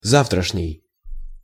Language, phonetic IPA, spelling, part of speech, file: Russian, [ˈzaftrəʂnʲɪj], завтрашний, adjective, Ru-завтрашний.ogg
- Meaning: tomorrow's